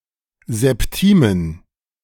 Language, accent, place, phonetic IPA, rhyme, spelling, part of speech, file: German, Germany, Berlin, [zɛpˈtiːmən], -iːmən, Septimen, noun, De-Septimen.ogg
- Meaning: plural of Septime